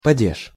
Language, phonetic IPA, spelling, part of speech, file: Russian, [pɐˈdʲeʂ], падеж, noun, Ru-падеж.ogg
- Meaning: case